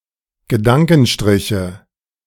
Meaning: nominative/accusative/genitive plural of Gedankenstrich
- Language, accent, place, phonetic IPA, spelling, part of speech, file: German, Germany, Berlin, [ɡəˈdaŋkn̩ˌʃtʁɪçə], Gedankenstriche, noun, De-Gedankenstriche.ogg